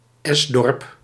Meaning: a village with a village green as the central location for business and social life
- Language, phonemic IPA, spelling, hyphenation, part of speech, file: Dutch, /ˈɛs.dɔrp/, esdorp, es‧dorp, noun, Nl-esdorp.ogg